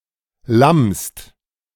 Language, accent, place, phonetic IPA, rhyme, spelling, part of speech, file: German, Germany, Berlin, [lamst], -amst, lammst, verb, De-lammst.ogg
- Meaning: second-person singular present of lammen